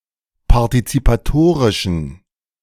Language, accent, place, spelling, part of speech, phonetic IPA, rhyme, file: German, Germany, Berlin, partizipatorischen, adjective, [paʁtit͡sipaˈtoːʁɪʃn̩], -oːʁɪʃn̩, De-partizipatorischen.ogg
- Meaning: inflection of partizipatorisch: 1. strong genitive masculine/neuter singular 2. weak/mixed genitive/dative all-gender singular 3. strong/weak/mixed accusative masculine singular